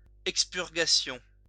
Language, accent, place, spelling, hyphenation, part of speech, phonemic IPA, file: French, France, Lyon, expurgation, ex‧pur‧ga‧tion, noun, /ɛk.spyʁ.ɡa.sjɔ̃/, LL-Q150 (fra)-expurgation.wav
- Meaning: expurgation